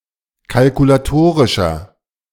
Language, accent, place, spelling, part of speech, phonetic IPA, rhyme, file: German, Germany, Berlin, kalkulatorischer, adjective, [kalkulaˈtoːʁɪʃɐ], -oːʁɪʃɐ, De-kalkulatorischer.ogg
- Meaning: inflection of kalkulatorisch: 1. strong/mixed nominative masculine singular 2. strong genitive/dative feminine singular 3. strong genitive plural